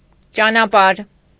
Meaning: 1. road, path, way, route 2. means, way, manner, method, process
- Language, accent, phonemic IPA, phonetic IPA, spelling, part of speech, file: Armenian, Eastern Armenian, /t͡ʃɑnɑˈpɑɾ/, [t͡ʃɑnɑpɑ́ɾ], ճանապարհ, noun, Hy-ճանապարհ.ogg